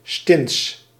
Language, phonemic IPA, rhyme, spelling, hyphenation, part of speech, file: Dutch, /stɪns/, -ɪns, stins, stins, noun, Nl-stins.ogg
- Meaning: a fortified stone house or tower, a keep